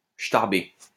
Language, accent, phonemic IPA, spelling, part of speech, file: French, France, /ʃtaʁ.be/, chtarbé, adjective, LL-Q150 (fra)-chtarbé.wav
- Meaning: crazy, bonkers